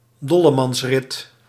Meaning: road rampage
- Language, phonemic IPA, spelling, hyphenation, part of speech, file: Dutch, /ˈdɔ.lə.mɑnsˌrɪt/, dollemansrit, dol‧le‧mans‧rit, noun, Nl-dollemansrit.ogg